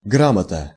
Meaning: 1. reading and writing; literacy (sum of knowledge necessary to be able to read and write) 2. ABCs, basics, fundamentals (of some skill or body of knowledge)
- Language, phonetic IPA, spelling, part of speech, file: Russian, [ˈɡramətə], грамота, noun, Ru-грамота.ogg